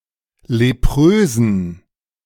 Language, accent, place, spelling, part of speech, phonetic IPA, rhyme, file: German, Germany, Berlin, leprösen, adjective, [leˈpʁøːzn̩], -øːzn̩, De-leprösen.ogg
- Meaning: inflection of leprös: 1. strong genitive masculine/neuter singular 2. weak/mixed genitive/dative all-gender singular 3. strong/weak/mixed accusative masculine singular 4. strong dative plural